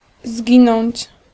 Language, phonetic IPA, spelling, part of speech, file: Polish, [ˈzʲɟĩnɔ̃ɲt͡ɕ], zginąć, verb, Pl-zginąć.ogg